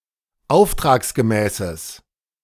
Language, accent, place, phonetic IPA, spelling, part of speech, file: German, Germany, Berlin, [ˈaʊ̯ftʁaːksɡəˌmɛːsəs], auftragsgemäßes, adjective, De-auftragsgemäßes.ogg
- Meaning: strong/mixed nominative/accusative neuter singular of auftragsgemäß